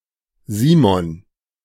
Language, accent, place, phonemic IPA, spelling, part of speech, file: German, Germany, Berlin, /ˈziːmɔn/, Simon, proper noun, De-Simon.ogg
- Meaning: 1. Simon (biblical figure) 2. a male given name 3. a surname originating as a patronymic